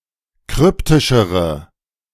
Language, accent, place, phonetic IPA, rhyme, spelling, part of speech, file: German, Germany, Berlin, [ˈkʁʏptɪʃəʁə], -ʏptɪʃəʁə, kryptischere, adjective, De-kryptischere.ogg
- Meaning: inflection of kryptisch: 1. strong/mixed nominative/accusative feminine singular comparative degree 2. strong nominative/accusative plural comparative degree